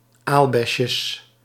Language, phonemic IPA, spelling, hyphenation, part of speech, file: Dutch, /ˈalbɛsjəs/, aalbesjes, aal‧bes‧jes, noun, Nl-aalbesjes.ogg
- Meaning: plural of aalbesje